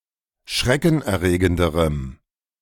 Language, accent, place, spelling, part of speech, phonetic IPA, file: German, Germany, Berlin, schreckenerregenderem, adjective, [ˈʃʁɛkn̩ʔɛɐ̯ˌʁeːɡəndəʁəm], De-schreckenerregenderem.ogg
- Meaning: strong dative masculine/neuter singular comparative degree of schreckenerregend